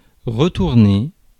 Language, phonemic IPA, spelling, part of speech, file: French, /ʁə.tuʁ.ne/, retourner, verb, Fr-retourner.ogg
- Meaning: 1. to turn over; to turn upside-down 2. to turn over; to flip 3. turn over (earth, soil); to toss (salad) 4. to return; to send back (an object) 5. to return; to go back (to/from a place)